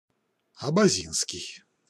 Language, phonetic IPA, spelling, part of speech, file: Russian, [ɐbɐˈzʲinskʲɪj], абазинский, adjective / noun, Ru-абазинский.ogg
- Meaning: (adjective) Abaza (a people living in the northwest Caucasus); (noun) Abaza language